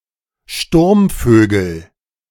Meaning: nominative/accusative/genitive plural of Sturmvogel
- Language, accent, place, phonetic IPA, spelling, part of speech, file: German, Germany, Berlin, [ˈʃtuʁmˌføːɡl̩], Sturmvögel, noun, De-Sturmvögel.ogg